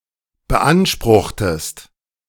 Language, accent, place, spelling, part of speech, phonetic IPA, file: German, Germany, Berlin, beanspruchtest, verb, [bəˈʔanʃpʁʊxtəst], De-beanspruchtest.ogg
- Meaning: inflection of beanspruchen: 1. second-person singular preterite 2. second-person singular subjunctive II